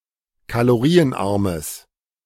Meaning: strong/mixed nominative/accusative neuter singular of kalorienarm
- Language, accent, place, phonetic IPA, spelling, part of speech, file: German, Germany, Berlin, [kaloˈʁiːənˌʔaʁməs], kalorienarmes, adjective, De-kalorienarmes.ogg